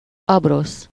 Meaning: 1. tablecloth (a cloth used to cover and protect a table) 2. map
- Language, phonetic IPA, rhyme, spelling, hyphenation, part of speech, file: Hungarian, [ˈɒbros], -os, abrosz, ab‧rosz, noun, Hu-abrosz.ogg